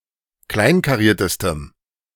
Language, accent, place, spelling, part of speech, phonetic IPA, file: German, Germany, Berlin, kleinkariertestem, adjective, [ˈklaɪ̯nkaˌʁiːɐ̯təstəm], De-kleinkariertestem.ogg
- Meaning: strong dative masculine/neuter singular superlative degree of kleinkariert